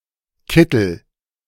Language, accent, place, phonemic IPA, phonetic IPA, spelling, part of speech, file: German, Germany, Berlin, /ˈkɪtəl/, [ˈkɪtl̩], Kittel, noun, De-Kittel.ogg
- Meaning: overall, smock; white coat